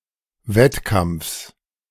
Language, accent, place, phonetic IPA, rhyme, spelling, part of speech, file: German, Germany, Berlin, [ˈvɛtˌkamp͡fs], -ɛtkamp͡fs, Wettkampfs, noun, De-Wettkampfs.ogg
- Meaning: genitive singular of Wettkampf